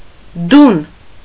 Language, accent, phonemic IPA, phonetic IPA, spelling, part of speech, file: Armenian, Eastern Armenian, /dun/, [dun], դուն, pronoun, Hy-դուն.ogg
- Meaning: Western Armenian form of դու (du)